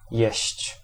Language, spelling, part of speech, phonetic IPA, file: Polish, jeść, verb, [jɛ̇ɕt͡ɕ], Pl-jeść.ogg